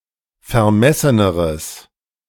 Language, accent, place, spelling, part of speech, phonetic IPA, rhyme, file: German, Germany, Berlin, vermesseneres, adjective, [fɛɐ̯ˈmɛsənəʁəs], -ɛsənəʁəs, De-vermesseneres.ogg
- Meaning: strong/mixed nominative/accusative neuter singular comparative degree of vermessen